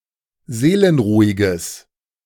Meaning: strong/mixed nominative/accusative neuter singular of seelenruhig
- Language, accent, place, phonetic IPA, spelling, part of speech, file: German, Germany, Berlin, [ˈzeːlənˌʁuːɪɡəs], seelenruhiges, adjective, De-seelenruhiges.ogg